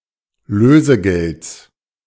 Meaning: genitive singular of Lösegeld
- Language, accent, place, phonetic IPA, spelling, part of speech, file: German, Germany, Berlin, [ˈløːzəˌɡɛlt͡s], Lösegelds, noun, De-Lösegelds.ogg